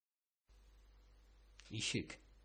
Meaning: door
- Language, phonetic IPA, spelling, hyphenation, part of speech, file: Bashkir, [iˈʃɪ̞k], ишек, и‧шек, noun, Ba-ишек.oga